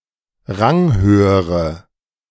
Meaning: inflection of ranghoch: 1. strong/mixed nominative/accusative feminine singular comparative degree 2. strong nominative/accusative plural comparative degree
- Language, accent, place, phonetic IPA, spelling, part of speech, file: German, Germany, Berlin, [ˈʁaŋˌhøːəʁə], ranghöhere, adjective, De-ranghöhere.ogg